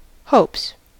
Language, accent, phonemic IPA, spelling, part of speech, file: English, US, /hoʊps/, hopes, noun / verb, En-us-hopes.ogg
- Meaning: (noun) plural of hope; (verb) third-person singular simple present indicative of hope